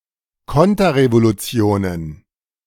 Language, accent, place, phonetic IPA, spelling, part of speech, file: German, Germany, Berlin, [ˈkɔntɐʁevoluˌt͡si̯oːnən], Konterrevolutionen, noun, De-Konterrevolutionen.ogg
- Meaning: plural of Konterrevolution